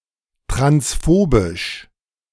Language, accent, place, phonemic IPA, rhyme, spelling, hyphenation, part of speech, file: German, Germany, Berlin, /tʁansˈfobɪʃ/, -obɪʃ, transphobisch, trans‧pho‧bisch, adjective, De-transphobisch.ogg
- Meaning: transphobic